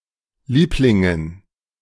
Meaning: dative plural of Liebling
- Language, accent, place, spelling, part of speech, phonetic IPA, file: German, Germany, Berlin, Lieblingen, noun, [ˈliːplɪŋən], De-Lieblingen.ogg